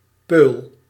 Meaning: 1. pea pod, bean pod 2. snow pea (Pisum sativum var. saccharatum), or its pod eaten as food
- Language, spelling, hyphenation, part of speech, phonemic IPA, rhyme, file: Dutch, peul, peul, noun, /pøːl/, -øːl, Nl-peul.ogg